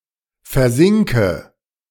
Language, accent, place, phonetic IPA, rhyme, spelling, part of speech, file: German, Germany, Berlin, [fɛɐ̯ˈzɪŋkə], -ɪŋkə, versinke, verb, De-versinke.ogg
- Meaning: inflection of versinken: 1. first-person singular present 2. first/third-person singular subjunctive I 3. singular imperative